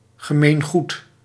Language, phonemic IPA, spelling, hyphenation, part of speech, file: Dutch, /ɣəˈmeːnˌɣut/, gemeengoed, ge‧meen‧goed, noun, Nl-gemeengoed.ogg
- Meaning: 1. common property 2. common practice, common feature